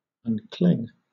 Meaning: present participle and gerund of uncle
- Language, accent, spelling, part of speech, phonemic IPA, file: English, Southern England, uncling, verb, /ˈʌŋk(ə)lɪŋ/, LL-Q1860 (eng)-uncling.wav